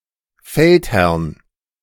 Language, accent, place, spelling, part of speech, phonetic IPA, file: German, Germany, Berlin, Feldherrn, noun, [ˈfɛltˌhɛʁn], De-Feldherrn.ogg
- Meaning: genitive of Feldherr